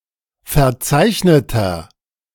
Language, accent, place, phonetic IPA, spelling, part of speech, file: German, Germany, Berlin, [fɛɐ̯ˈt͡saɪ̯çnətɐ], verzeichneter, adjective, De-verzeichneter.ogg
- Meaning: inflection of verzeichnet: 1. strong/mixed nominative masculine singular 2. strong genitive/dative feminine singular 3. strong genitive plural